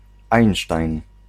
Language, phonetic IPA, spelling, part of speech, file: Polish, [ˈajn͇ʃtajn], einstein, noun, Pl-einstein.ogg